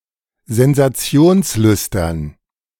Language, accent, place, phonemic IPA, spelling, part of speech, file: German, Germany, Berlin, /zɛnzaˈt͡si̯oːnsˌlʏstɐn/, sensationslüstern, adjective, De-sensationslüstern.ogg
- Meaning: attention-seeking